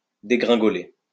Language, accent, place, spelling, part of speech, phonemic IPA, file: French, France, Lyon, dégringoler, verb, /de.ɡʁɛ̃.ɡɔ.le/, LL-Q150 (fra)-dégringoler.wav
- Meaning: 1. to tumble, to fall down 2. to tumble, to fall (decrease) ; to tank 3. to descend quickly (stairs etc.)